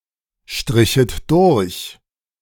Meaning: second-person plural subjunctive II of durchstreichen
- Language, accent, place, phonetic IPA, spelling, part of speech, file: German, Germany, Berlin, [ˌʃtʁɪçət ˈdʊʁç], strichet durch, verb, De-strichet durch.ogg